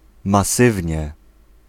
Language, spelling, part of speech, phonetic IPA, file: Polish, masywnie, adverb, [maˈsɨvʲɲɛ], Pl-masywnie.ogg